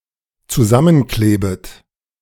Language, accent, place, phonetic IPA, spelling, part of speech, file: German, Germany, Berlin, [t͡suˈzamənˌkleːbət], zusammenklebet, verb, De-zusammenklebet.ogg
- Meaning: second-person plural dependent subjunctive I of zusammenkleben